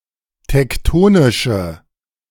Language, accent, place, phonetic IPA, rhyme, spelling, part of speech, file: German, Germany, Berlin, [tɛkˈtoːnɪʃə], -oːnɪʃə, tektonische, adjective, De-tektonische.ogg
- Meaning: inflection of tektonisch: 1. strong/mixed nominative/accusative feminine singular 2. strong nominative/accusative plural 3. weak nominative all-gender singular